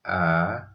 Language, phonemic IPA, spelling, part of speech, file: Odia, /a/, ଆ, character, Or-ଆ.oga
- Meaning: The second character of the Odia abugida